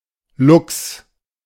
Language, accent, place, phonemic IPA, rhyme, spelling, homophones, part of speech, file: German, Germany, Berlin, /lʊks/, -ʊks, Luchs, Lux, noun, De-Luchs.ogg
- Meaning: lynx